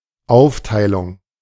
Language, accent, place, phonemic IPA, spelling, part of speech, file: German, Germany, Berlin, /ˈaʊ̯ftaɪ̯lʊŋ/, Aufteilung, noun, De-Aufteilung.ogg
- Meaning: 1. division, partition, fragmentation 2. allocation, distribution